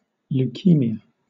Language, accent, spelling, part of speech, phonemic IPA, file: English, Southern England, leukemia, noun, /luːˈkiːmi.ə/, LL-Q1860 (eng)-leukemia.wav
- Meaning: Any of a class of types of cancer affecting the blood cells, especially the white blood cells (usually with massive leukocytosis), and the blood cell–forming (hematopoietic) tissues